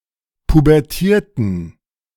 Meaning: inflection of pubertieren: 1. first/third-person plural preterite 2. first/third-person plural subjunctive II
- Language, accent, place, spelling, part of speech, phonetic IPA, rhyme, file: German, Germany, Berlin, pubertierten, verb, [pubɛʁˈtiːɐ̯tn̩], -iːɐ̯tn̩, De-pubertierten.ogg